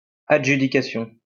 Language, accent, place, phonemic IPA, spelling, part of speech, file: French, France, Lyon, /a.dʒy.di.ka.sjɔ̃/, adjudication, noun, LL-Q150 (fra)-adjudication.wav
- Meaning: 1. auction 2. adjudication